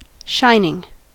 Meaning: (adjective) 1. Emitting light 2. Reflecting light 3. Having a high polish or sheen 4. Having exceptional merit; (verb) present participle and gerund of shine
- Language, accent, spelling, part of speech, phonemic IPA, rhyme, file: English, US, shining, adjective / verb / noun, /ˈʃaɪnɪŋ/, -aɪnɪŋ, En-us-shining.ogg